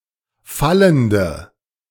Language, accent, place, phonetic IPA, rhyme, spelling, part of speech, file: German, Germany, Berlin, [ˈfaləndə], -aləndə, fallende, adjective, De-fallende.ogg
- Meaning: inflection of fallend: 1. strong/mixed nominative/accusative feminine singular 2. strong nominative/accusative plural 3. weak nominative all-gender singular 4. weak accusative feminine/neuter singular